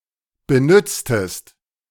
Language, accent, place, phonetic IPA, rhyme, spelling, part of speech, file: German, Germany, Berlin, [bəˈnʏt͡stəst], -ʏt͡stəst, benütztest, verb, De-benütztest.ogg
- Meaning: inflection of benützen: 1. second-person singular preterite 2. second-person singular subjunctive II